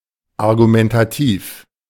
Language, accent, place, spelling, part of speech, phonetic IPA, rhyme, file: German, Germany, Berlin, argumentativ, adjective, [aʁɡumɛntaˈtiːf], -iːf, De-argumentativ.ogg
- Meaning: argumentative